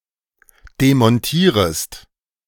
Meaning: second-person singular subjunctive I of demontieren
- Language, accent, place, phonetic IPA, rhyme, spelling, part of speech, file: German, Germany, Berlin, [demɔnˈtiːʁəst], -iːʁəst, demontierest, verb, De-demontierest.ogg